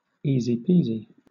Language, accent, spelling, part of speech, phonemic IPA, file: English, Southern England, easy peasy, adjective, /ˌiːziˈpiːzi/, LL-Q1860 (eng)-easy peasy.wav
- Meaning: Very easy, simple